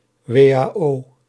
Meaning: initialism of Wet op de arbeidsongeschiktheidsverzekering
- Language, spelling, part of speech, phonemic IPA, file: Dutch, WAO, proper noun, /ʋeː.(j)aː.oː/, Nl-WAO.ogg